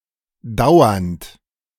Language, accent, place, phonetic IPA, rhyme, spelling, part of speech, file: German, Germany, Berlin, [ˈdaʊ̯ɐnt], -aʊ̯ɐnt, dauernd, adjective / verb, De-dauernd.ogg
- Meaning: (verb) present participle of dauern; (adjective) constant, incessant